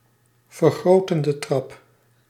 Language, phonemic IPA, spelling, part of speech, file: Dutch, /vərˈɣrotəndə trɑp/, vergrotende trap, noun, Nl-vergrotende trap.ogg
- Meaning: comparative degree